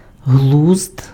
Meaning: 1. sense, wits (mental faculty of sound judgement) 2. sense (meaning)
- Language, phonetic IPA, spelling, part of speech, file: Ukrainian, [ɦɫuzd], глузд, noun, Uk-глузд.ogg